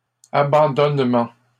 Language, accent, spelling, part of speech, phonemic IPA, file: French, Canada, abandonnement, noun, /a.bɑ̃.dɔn.mɑ̃/, LL-Q150 (fra)-abandonnement.wav
- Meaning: 1. the act of giving up or surrendering when faced with something 2. Moral neglect 3. the act of abandoning; abandonment 4. the state resulting of such an act